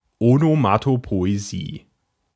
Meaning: onomatopoeia
- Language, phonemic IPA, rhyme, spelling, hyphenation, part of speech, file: German, /onomatopoeːˈziː/, -iː, Onomatopoesie, Ono‧ma‧to‧po‧e‧sie, noun, De-Onomatopoesie.ogg